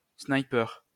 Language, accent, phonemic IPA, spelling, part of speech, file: French, France, /snaj.pœʁ/, sniper, noun, LL-Q150 (fra)-sniper.wav
- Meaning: sniper (person, weapon)